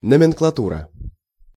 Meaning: 1. nomenclature 2. nomenklatura
- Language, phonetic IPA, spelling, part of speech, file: Russian, [nəmʲɪnkɫɐˈturə], номенклатура, noun, Ru-номенклатура.ogg